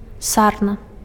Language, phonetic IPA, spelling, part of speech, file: Belarusian, [ˈsarna], сарна, noun, Be-сарна.ogg
- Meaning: chamois